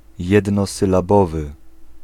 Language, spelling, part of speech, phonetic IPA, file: Polish, jednosylabowy, adjective, [ˌjɛdnɔsɨlaˈbɔvɨ], Pl-jednosylabowy.ogg